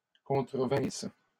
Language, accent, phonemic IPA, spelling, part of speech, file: French, Canada, /kɔ̃.tʁə.vɛ̃s/, contrevinsses, verb, LL-Q150 (fra)-contrevinsses.wav
- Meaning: second-person singular imperfect subjunctive of contrevenir